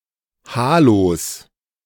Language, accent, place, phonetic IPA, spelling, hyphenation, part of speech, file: German, Germany, Berlin, [ˈhaːlos], Halos, Ha‧los, noun, De-Halos.ogg
- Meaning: 1. genitive singular of Halo 2. plural of Halo